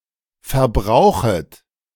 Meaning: second-person plural subjunctive I of verbrauchen
- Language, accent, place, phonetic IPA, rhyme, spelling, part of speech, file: German, Germany, Berlin, [fɛɐ̯ˈbʁaʊ̯xət], -aʊ̯xət, verbrauchet, verb, De-verbrauchet.ogg